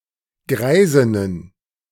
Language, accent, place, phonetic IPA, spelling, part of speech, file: German, Germany, Berlin, [ˈɡʁaɪ̯zɪnən], Greisinnen, noun, De-Greisinnen.ogg
- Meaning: plural of Greisin